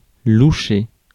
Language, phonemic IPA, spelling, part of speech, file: French, /lu.ʃe/, loucher, verb, Fr-loucher.ogg
- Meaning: 1. to be cross-eyed, to be squint-eyed, to squint 2. squint (to look with eyes that are turned in different directions) 3. glance